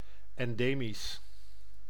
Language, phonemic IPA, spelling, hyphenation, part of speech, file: Dutch, /ˌɛnˈdeː.mis/, endemisch, en‧de‧misch, adjective, Nl-endemisch.ogg
- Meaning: endemic (prevalent in a particular area)